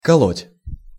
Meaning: 1. to split, to cleave, to break (sugar), to crack (nuts), to chop (firewood) 2. to stab, to thrust 3. to kill, to slaughter 4. to prick, to sting 5. to have a stitch, to feel a prick or a stab
- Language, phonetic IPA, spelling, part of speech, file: Russian, [kɐˈɫotʲ], колоть, verb, Ru-колоть.ogg